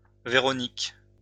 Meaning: a female given name, equivalent to English Veronica
- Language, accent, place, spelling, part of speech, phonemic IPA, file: French, France, Lyon, Véronique, proper noun, /ve.ʁɔ.nik/, LL-Q150 (fra)-Véronique.wav